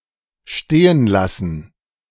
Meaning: to abandon
- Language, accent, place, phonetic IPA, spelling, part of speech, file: German, Germany, Berlin, [ˈʃteːənˌlasn̩], stehenlassen, verb, De-stehenlassen.ogg